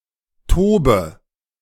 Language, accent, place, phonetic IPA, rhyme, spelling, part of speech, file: German, Germany, Berlin, [ˈtoːbə], -oːbə, tobe, verb, De-tobe.ogg
- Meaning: inflection of toben: 1. first-person singular present 2. first/third-person singular subjunctive I 3. singular imperative